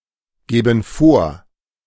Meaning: inflection of vorgeben: 1. first/third-person plural present 2. first/third-person plural subjunctive I
- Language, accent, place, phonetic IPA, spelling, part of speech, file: German, Germany, Berlin, [ˌɡeːbn̩ ˈfoːɐ̯], geben vor, verb, De-geben vor.ogg